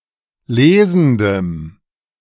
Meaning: strong dative masculine/neuter singular of lesend
- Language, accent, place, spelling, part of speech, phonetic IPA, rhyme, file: German, Germany, Berlin, lesendem, adjective, [ˈleːzn̩dəm], -eːzn̩dəm, De-lesendem.ogg